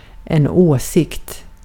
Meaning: an opinion, a view
- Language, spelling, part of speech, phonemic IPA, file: Swedish, åsikt, noun, /ˈoːˌsɪkt/, Sv-åsikt.ogg